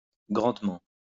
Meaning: greatly, largely, deeply (to a great extent)
- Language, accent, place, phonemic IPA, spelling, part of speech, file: French, France, Lyon, /ɡʁɑ̃d.mɑ̃/, grandement, adverb, LL-Q150 (fra)-grandement.wav